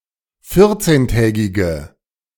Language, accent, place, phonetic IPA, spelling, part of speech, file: German, Germany, Berlin, [ˈfɪʁt͡seːnˌtɛːɡɪɡə], vierzehntägige, adjective, De-vierzehntägige.ogg
- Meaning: inflection of vierzehntägig: 1. strong/mixed nominative/accusative feminine singular 2. strong nominative/accusative plural 3. weak nominative all-gender singular